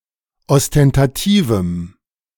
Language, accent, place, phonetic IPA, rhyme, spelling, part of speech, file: German, Germany, Berlin, [ɔstɛntaˈtiːvm̩], -iːvm̩, ostentativem, adjective, De-ostentativem.ogg
- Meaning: strong dative masculine/neuter singular of ostentativ